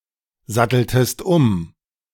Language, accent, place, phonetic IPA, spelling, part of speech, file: German, Germany, Berlin, [ˌzatl̩təst ˈʊm], satteltest um, verb, De-satteltest um.ogg
- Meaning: inflection of umsatteln: 1. second-person singular preterite 2. second-person singular subjunctive II